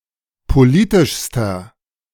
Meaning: inflection of politisch: 1. strong/mixed nominative masculine singular superlative degree 2. strong genitive/dative feminine singular superlative degree 3. strong genitive plural superlative degree
- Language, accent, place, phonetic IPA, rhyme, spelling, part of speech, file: German, Germany, Berlin, [poˈliːtɪʃstɐ], -iːtɪʃstɐ, politischster, adjective, De-politischster.ogg